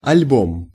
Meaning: album
- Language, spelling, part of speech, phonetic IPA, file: Russian, альбом, noun, [ɐlʲˈbom], Ru-альбом.ogg